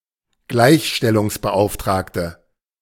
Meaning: female commissioner for equality; woman charged with ensuring that people are treated equally (especially, one charged with ensuring that men and women are treated equally)
- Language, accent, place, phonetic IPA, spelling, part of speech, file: German, Germany, Berlin, [ˈɡlaɪ̯çʃtɛlʊŋsbəˌʔaʊ̯ftʁaːktə], Gleichstellungsbeauftragte, noun, De-Gleichstellungsbeauftragte.ogg